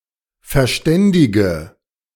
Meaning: inflection of verständigen: 1. first-person singular present 2. first/third-person singular subjunctive I 3. singular imperative
- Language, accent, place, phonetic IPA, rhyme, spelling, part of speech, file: German, Germany, Berlin, [fɛɐ̯ˈʃtɛndɪɡə], -ɛndɪɡə, verständige, adjective / verb, De-verständige.ogg